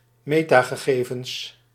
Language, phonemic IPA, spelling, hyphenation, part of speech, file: Dutch, /ˈmeː.taː.ɣəˌɣeː.vəns/, metagegevens, me‧ta‧ge‧ge‧vens, noun, Nl-metagegevens.ogg
- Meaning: metadata